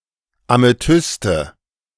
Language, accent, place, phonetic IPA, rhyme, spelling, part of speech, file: German, Germany, Berlin, [ameˈtʏstə], -ʏstə, Amethyste, noun, De-Amethyste.ogg
- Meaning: nominative/accusative/genitive plural of Amethyst